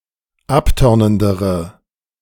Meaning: inflection of abtörnend: 1. strong/mixed nominative/accusative feminine singular comparative degree 2. strong nominative/accusative plural comparative degree
- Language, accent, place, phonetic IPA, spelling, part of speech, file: German, Germany, Berlin, [ˈapˌtœʁnəndəʁə], abtörnendere, adjective, De-abtörnendere.ogg